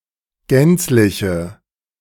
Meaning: inflection of gänzlich: 1. strong/mixed nominative/accusative feminine singular 2. strong nominative/accusative plural 3. weak nominative all-gender singular
- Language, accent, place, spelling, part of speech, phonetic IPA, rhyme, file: German, Germany, Berlin, gänzliche, adjective, [ˈɡɛnt͡slɪçə], -ɛnt͡slɪçə, De-gänzliche.ogg